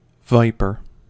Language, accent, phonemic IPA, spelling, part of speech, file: English, US, /ˈvaɪpɚ/, viper, noun, En-us-viper.ogg
- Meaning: 1. A venomous snake in the family Viperidae 2. Any venomous snake 3. A dangerous, treacherous, or malignant person 4. A person who smokes marijuana